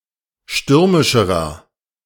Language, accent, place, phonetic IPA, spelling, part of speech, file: German, Germany, Berlin, [ˈʃtʏʁmɪʃəʁɐ], stürmischerer, adjective, De-stürmischerer.ogg
- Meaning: inflection of stürmisch: 1. strong/mixed nominative masculine singular comparative degree 2. strong genitive/dative feminine singular comparative degree 3. strong genitive plural comparative degree